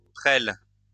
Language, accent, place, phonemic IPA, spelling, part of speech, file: French, France, Lyon, /pʁɛl/, prêle, noun, LL-Q150 (fra)-prêle.wav
- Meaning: horsetail (plant)